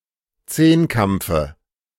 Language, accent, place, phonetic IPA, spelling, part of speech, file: German, Germany, Berlin, [ˈt͡seːnˌkamp͡fə], Zehnkampfe, noun, De-Zehnkampfe.ogg
- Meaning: dative of Zehnkampf